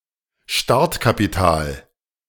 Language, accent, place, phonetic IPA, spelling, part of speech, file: German, Germany, Berlin, [ˈʃtaʁtkapiˌtaːl], Startkapital, noun, De-Startkapital.ogg
- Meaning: seed money (money used to set up a new business venture)